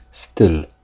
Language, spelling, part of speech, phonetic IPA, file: Polish, styl, noun, [stɨl], Pl-styl.ogg